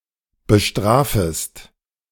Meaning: second-person singular subjunctive I of bestrafen
- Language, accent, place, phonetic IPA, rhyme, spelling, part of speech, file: German, Germany, Berlin, [bəˈʃtʁaːfəst], -aːfəst, bestrafest, verb, De-bestrafest.ogg